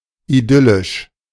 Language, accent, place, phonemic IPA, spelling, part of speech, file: German, Germany, Berlin, /iˈdʏlɪʃ/, idyllisch, adjective, De-idyllisch.ogg
- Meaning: idyllic